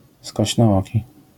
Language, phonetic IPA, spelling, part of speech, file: Polish, [ˌskɔɕnɔˈːci], skośnooki, adjective / noun, LL-Q809 (pol)-skośnooki.wav